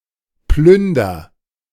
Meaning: inflection of plündern: 1. first-person singular present 2. singular imperative
- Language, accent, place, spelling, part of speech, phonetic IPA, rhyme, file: German, Germany, Berlin, plünder, verb, [ˈplʏndɐ], -ʏndɐ, De-plünder.ogg